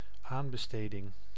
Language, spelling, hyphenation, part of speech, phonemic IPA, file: Dutch, aanbesteding, aan‧be‧ste‧ding, noun, /ˈaːn.bəˌsteː.dɪŋ/, Nl-aanbesteding.ogg
- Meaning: tender, quote, a formal offer